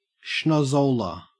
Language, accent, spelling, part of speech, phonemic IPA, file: English, Australia, schnozzola, noun, /ʃnɒzˈoʊlə/, En-au-schnozzola.ogg
- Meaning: The nose